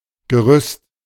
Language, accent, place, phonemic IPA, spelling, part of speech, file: German, Germany, Berlin, /ɡəˈʁʏst/, Gerüst, noun, De-Gerüst.ogg
- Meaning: 1. scaffold, scaffolding (system of tubes or poles used to support people and material) 2. framework, skeleton, structure, outline